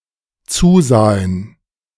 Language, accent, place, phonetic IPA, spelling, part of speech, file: German, Germany, Berlin, [ˈt͡suːˌzaːən], zusahen, verb, De-zusahen.ogg
- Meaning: first/third-person plural dependent preterite of zusehen